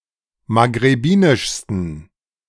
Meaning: 1. superlative degree of maghrebinisch 2. inflection of maghrebinisch: strong genitive masculine/neuter singular superlative degree
- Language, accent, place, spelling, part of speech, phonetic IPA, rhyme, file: German, Germany, Berlin, maghrebinischsten, adjective, [maɡʁeˈbiːnɪʃstn̩], -iːnɪʃstn̩, De-maghrebinischsten.ogg